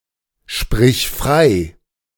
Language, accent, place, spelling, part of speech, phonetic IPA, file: German, Germany, Berlin, sprich frei, verb, [ˌʃpʁɪç ˈfʁaɪ̯], De-sprich frei.ogg
- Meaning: singular imperative of freisprechen